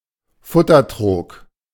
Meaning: manger, feeding trough
- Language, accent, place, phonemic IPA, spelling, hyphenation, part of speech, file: German, Germany, Berlin, /ˈfʊtɐˌtʁoːk/, Futtertrog, Fut‧ter‧trog, noun, De-Futtertrog.ogg